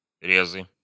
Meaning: nominative/accusative plural of рез (rez)
- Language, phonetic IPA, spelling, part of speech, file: Russian, [ˈrʲezɨ], резы, noun, Ru-резы.ogg